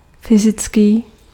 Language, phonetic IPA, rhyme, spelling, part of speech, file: Czech, [ˈfɪzɪt͡skiː], -ɪtskiː, fyzický, adjective, Cs-fyzický.ogg
- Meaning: physical